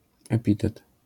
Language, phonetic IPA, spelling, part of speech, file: Polish, [ɛˈpʲitɛt], epitet, noun, LL-Q809 (pol)-epitet.wav